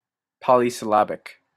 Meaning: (adjective) 1. Having more than one syllable; having multiple or many syllables 2. Characterized by or consisting of words having numerous syllables; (noun) A word having more than one syllable
- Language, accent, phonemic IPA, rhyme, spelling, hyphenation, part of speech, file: English, Canada, /ˌpɒl.i.sɪˈlæb.ɪk/, -æbɪk, polysyllabic, po‧ly‧syl‧la‧bic, adjective / noun, En-polysyllabic.opus